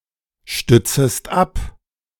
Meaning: second-person singular subjunctive I of abstützen
- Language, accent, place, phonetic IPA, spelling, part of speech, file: German, Germany, Berlin, [ˌʃtʏt͡səst ˈap], stützest ab, verb, De-stützest ab.ogg